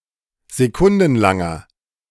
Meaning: inflection of sekundenlang: 1. strong/mixed nominative masculine singular 2. strong genitive/dative feminine singular 3. strong genitive plural
- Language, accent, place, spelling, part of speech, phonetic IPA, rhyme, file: German, Germany, Berlin, sekundenlanger, adjective, [zeˈkʊndn̩ˌlaŋɐ], -ʊndn̩laŋɐ, De-sekundenlanger.ogg